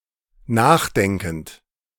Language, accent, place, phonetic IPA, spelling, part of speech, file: German, Germany, Berlin, [ˈnaːxˌdɛŋkn̩t], nachdenkend, verb, De-nachdenkend.ogg
- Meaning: present participle of nachdenken